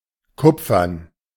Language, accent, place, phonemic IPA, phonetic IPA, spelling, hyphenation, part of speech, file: German, Germany, Berlin, /ˈkʊpfəʁn/, [ˈkʰʊpfɐn], kupfern, kup‧fern, adjective, De-kupfern.ogg
- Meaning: copper; made of copper